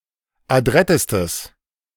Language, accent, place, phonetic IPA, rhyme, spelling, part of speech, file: German, Germany, Berlin, [aˈdʁɛtəstəs], -ɛtəstəs, adrettestes, adjective, De-adrettestes.ogg
- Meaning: strong/mixed nominative/accusative neuter singular superlative degree of adrett